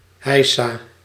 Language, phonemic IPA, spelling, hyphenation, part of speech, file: Dutch, /ˈɦɛi̯.saː/, heisa, hei‧sa, noun / interjection, Nl-heisa.ogg
- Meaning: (noun) fuss, ado, to-do, commotion; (interjection) huzzah, hey, hurrah; expression of happiness or excitement